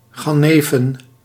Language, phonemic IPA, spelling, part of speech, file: Dutch, /ˈɣɑnəfə(n)/, gannefen, noun, Nl-gannefen.ogg
- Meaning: plural of gannef